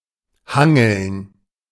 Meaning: to brachiate
- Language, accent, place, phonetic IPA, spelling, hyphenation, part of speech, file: German, Germany, Berlin, [ˈhaŋl̩n], hangeln, han‧geln, verb, De-hangeln.ogg